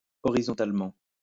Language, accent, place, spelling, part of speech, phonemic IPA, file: French, France, Lyon, horisontalement, adverb, /ɔ.ʁi.zɔ̃.tal.mɑ̃/, LL-Q150 (fra)-horisontalement.wav
- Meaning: alternative form of horizontalement